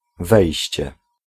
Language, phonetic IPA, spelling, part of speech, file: Polish, [ˈvɛjɕt͡ɕɛ], wejście, noun, Pl-wejście.ogg